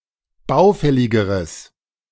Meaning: strong/mixed nominative/accusative neuter singular comparative degree of baufällig
- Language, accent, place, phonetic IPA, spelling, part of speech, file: German, Germany, Berlin, [ˈbaʊ̯ˌfɛlɪɡəʁəs], baufälligeres, adjective, De-baufälligeres.ogg